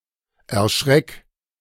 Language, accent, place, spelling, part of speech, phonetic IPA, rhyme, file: German, Germany, Berlin, erschreck, verb, [ɛɐ̯ˈʃʁɛk], -ɛk, De-erschreck.ogg
- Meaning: 1. singular imperative of erschrecken 2. first-person singular present of erschrecken